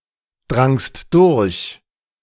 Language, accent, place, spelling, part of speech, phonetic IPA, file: German, Germany, Berlin, drangst durch, verb, [ˌdʁaŋst ˈdʊʁç], De-drangst durch.ogg
- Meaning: second-person singular preterite of durchdringen